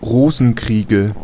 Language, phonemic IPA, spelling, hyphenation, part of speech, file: German, /ˈʁoːzn̩ˌkʁiːɡə/, Rosenkriege, Ro‧sen‧krie‧ge, noun, De-Rosenkriege.ogg
- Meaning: nominative/accusative/genitive plural of Rosenkrieg